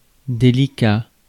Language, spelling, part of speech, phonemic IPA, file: French, délicat, adjective, /de.li.ka/, Fr-délicat.ogg
- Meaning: 1. delicate 2. refined, elegant, proper 3. difficult, tricky 4. sensitive, thorny